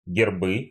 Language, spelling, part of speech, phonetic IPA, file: Russian, гербы, noun, [ɡʲɪrˈbɨ], Ru-гербы́.ogg
- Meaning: nominative/accusative plural of герб (gerb)